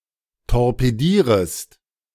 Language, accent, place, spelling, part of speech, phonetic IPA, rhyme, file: German, Germany, Berlin, torpedierest, verb, [tɔʁpeˈdiːʁəst], -iːʁəst, De-torpedierest.ogg
- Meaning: second-person singular subjunctive I of torpedieren